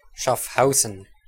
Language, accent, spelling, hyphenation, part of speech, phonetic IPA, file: German, Switzerland, Schaffhausen, Schaff‧hau‧sen, proper noun, [ʃafˈhaʊ̯zn̩], De-Schaffhausen.ogg
- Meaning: 1. Schaffhausen (a canton of Switzerland) 2. Schaffhausen (the capital city of Schaffhausen canton, Switzerland)